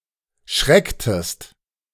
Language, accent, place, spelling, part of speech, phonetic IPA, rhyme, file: German, Germany, Berlin, schrecktest, verb, [ˈʃʁɛktəst], -ɛktəst, De-schrecktest.ogg
- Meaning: inflection of schrecken: 1. second-person singular preterite 2. second-person singular subjunctive II